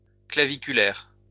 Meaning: 1. clavicle; clavicular 2. ankle
- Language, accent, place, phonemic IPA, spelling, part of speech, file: French, France, Lyon, /kla.vi.ky.lɛʁ/, claviculaire, adjective, LL-Q150 (fra)-claviculaire.wav